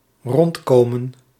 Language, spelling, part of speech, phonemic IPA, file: Dutch, rondkomen, verb, /ˈrɔntkomə(n)/, Nl-rondkomen.ogg
- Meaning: to make ends meet